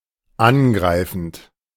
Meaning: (verb) present participle of angreifen; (adjective) attacking
- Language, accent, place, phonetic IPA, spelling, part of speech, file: German, Germany, Berlin, [ˈanˌɡʁaɪ̯fn̩t], angreifend, verb, De-angreifend.ogg